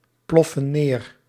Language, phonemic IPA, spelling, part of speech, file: Dutch, /ˈplɔfə(n) ˈner/, ploffen neer, verb, Nl-ploffen neer.ogg
- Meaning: inflection of neerploffen: 1. plural present indicative 2. plural present subjunctive